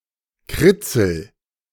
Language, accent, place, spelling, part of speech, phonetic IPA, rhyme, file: German, Germany, Berlin, kritzel, verb, [ˈkʁɪt͡sl̩], -ɪt͡sl̩, De-kritzel.ogg
- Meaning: inflection of kritzeln: 1. first-person singular present 2. singular imperative